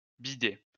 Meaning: plural of bidet
- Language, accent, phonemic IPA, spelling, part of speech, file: French, France, /bi.dɛ/, bidets, noun, LL-Q150 (fra)-bidets.wav